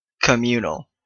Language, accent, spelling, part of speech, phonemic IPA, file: English, Canada, communal, adjective, /kəˈmju.nəl/, En-ca-communal.oga
- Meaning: 1. Pertaining to a community or a commune 2. Shared by a community; public 3. Defined by religious ideas; based on religion